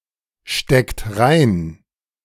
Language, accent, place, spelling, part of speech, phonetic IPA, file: German, Germany, Berlin, steckt rein, verb, [ˌʃtɛkt ˈʁaɪ̯n], De-steckt rein.ogg
- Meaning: inflection of reinstecken: 1. second-person plural present 2. third-person singular present 3. plural imperative